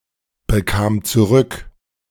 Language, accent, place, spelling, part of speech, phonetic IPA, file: German, Germany, Berlin, bekam zurück, verb, [bəˌkaːm t͡suˈʁʏk], De-bekam zurück.ogg
- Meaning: first/third-person singular preterite of zurückbekommen